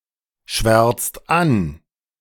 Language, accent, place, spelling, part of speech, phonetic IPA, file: German, Germany, Berlin, schwärzt an, verb, [ˌʃvɛʁt͡st ˈan], De-schwärzt an.ogg
- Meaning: inflection of anschwärzen: 1. second-person plural present 2. third-person singular present 3. plural imperative